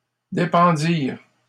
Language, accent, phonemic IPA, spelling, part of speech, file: French, Canada, /de.pɑ̃.diʁ/, dépendirent, verb, LL-Q150 (fra)-dépendirent.wav
- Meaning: third-person plural past historic of dépendre